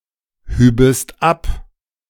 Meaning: second-person singular subjunctive II of abheben
- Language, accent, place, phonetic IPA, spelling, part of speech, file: German, Germany, Berlin, [ˌhyːbəst ˈap], hübest ab, verb, De-hübest ab.ogg